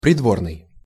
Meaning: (adjective) court (of a king, etc.); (noun) courtier (person in attendance at a royal court)
- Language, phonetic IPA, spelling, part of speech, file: Russian, [prʲɪdˈvornɨj], придворный, adjective / noun, Ru-придворный.ogg